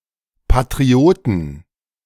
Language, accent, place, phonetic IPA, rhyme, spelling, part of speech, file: German, Germany, Berlin, [patʁiˈoːtn̩], -oːtn̩, Patrioten, noun, De-Patrioten.ogg
- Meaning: 1. genitive singular of Patriot 2. plural of Patriot